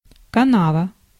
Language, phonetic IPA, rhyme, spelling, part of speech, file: Russian, [kɐˈnavə], -avə, канава, noun, Ru-канава.ogg
- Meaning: ditch, gutter, drain, trench